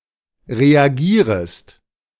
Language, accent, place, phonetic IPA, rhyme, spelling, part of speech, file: German, Germany, Berlin, [ʁeaˈɡiːʁəst], -iːʁəst, reagierest, verb, De-reagierest.ogg
- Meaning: second-person singular subjunctive I of reagieren